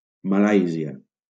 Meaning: Malaysia (a country in Southeast Asia)
- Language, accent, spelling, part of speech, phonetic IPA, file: Catalan, Valencia, Malàisia, proper noun, [maˈlaj.zi.a], LL-Q7026 (cat)-Malàisia.wav